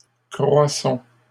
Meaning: inflection of croître: 1. first-person plural present indicative 2. first-person plural imperative
- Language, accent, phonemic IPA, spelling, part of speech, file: French, Canada, /kʁwa.sɔ̃/, croissons, verb, LL-Q150 (fra)-croissons.wav